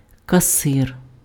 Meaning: cashier
- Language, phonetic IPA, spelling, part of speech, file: Ukrainian, [kɐˈsɪr], касир, noun, Uk-касир.ogg